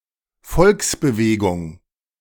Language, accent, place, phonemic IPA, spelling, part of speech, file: German, Germany, Berlin, /ˈfɔlksbəˌveːɡʊŋ/, Volksbewegung, noun, De-Volksbewegung.ogg
- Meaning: popular movement, grassroots movement